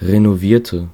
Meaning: inflection of renovieren: 1. first/third-person singular preterite 2. first/third-person singular subjunctive II
- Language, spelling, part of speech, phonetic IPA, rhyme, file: German, renovierte, adjective / verb, [ʁenoˈviːɐ̯tə], -iːɐ̯tə, De-renovierte.ogg